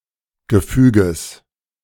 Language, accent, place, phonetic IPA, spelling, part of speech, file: German, Germany, Berlin, [ɡəˈfyːɡəs], Gefüges, noun, De-Gefüges.ogg
- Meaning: genitive singular of Gefüge